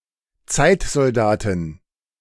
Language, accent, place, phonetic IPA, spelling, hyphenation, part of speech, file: German, Germany, Berlin, [ˈt͡saɪ̯tzɔlˌdaːtɪn], Zeitsoldatin, Zeit‧sol‧da‧tin, noun, De-Zeitsoldatin.ogg
- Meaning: female equivalent of Zeitsoldat